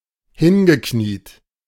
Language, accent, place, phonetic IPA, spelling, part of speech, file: German, Germany, Berlin, [ˈhɪnɡəˌkniːt], hingekniet, verb, De-hingekniet.ogg
- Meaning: past participle of hinknien